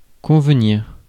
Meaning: 1. to admit; to agree 2. to suit; to be convenient for 3. to be appropriate or admissible (to be agreed upon according to convention)
- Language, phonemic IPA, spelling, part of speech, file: French, /kɔ̃v.niʁ/, convenir, verb, Fr-convenir.ogg